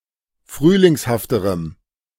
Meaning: strong dative masculine/neuter singular comparative degree of frühlingshaft
- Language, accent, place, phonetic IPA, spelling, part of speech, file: German, Germany, Berlin, [ˈfʁyːlɪŋshaftəʁəm], frühlingshafterem, adjective, De-frühlingshafterem.ogg